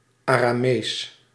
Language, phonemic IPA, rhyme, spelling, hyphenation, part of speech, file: Dutch, /ˌaː.raːˈmeːs/, -eːs, Aramees, Ara‧mees, proper noun / adjective, Nl-Aramees.ogg
- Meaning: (proper noun) Aramaic (North-West Semitic language); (adjective) Aramaic, Aramaean